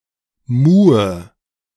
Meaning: inflection of muhen: 1. first-person singular present 2. first/third-person singular subjunctive I 3. singular imperative
- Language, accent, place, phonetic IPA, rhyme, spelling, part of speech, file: German, Germany, Berlin, [ˈmuːə], -uːə, muhe, verb, De-muhe.ogg